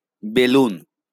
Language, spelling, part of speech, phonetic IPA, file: Bengali, বেলুন, noun, [ˈbe.lun], LL-Q9610 (ben)-বেলুন.wav
- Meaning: balloon